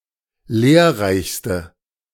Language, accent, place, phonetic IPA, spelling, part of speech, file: German, Germany, Berlin, [ˈleːɐ̯ˌʁaɪ̯çstə], lehrreichste, adjective, De-lehrreichste.ogg
- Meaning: inflection of lehrreich: 1. strong/mixed nominative/accusative feminine singular superlative degree 2. strong nominative/accusative plural superlative degree